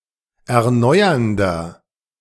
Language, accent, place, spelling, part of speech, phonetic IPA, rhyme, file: German, Germany, Berlin, erneuernder, adjective, [ɛɐ̯ˈnɔɪ̯ɐndɐ], -ɔɪ̯ɐndɐ, De-erneuernder.ogg
- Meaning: 1. comparative degree of erneuernd 2. inflection of erneuernd: strong/mixed nominative masculine singular 3. inflection of erneuernd: strong genitive/dative feminine singular